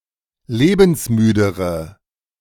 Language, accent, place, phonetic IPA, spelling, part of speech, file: German, Germany, Berlin, [ˈleːbn̩sˌmyːdəʁə], lebensmüdere, adjective, De-lebensmüdere.ogg
- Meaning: inflection of lebensmüde: 1. strong/mixed nominative/accusative feminine singular comparative degree 2. strong nominative/accusative plural comparative degree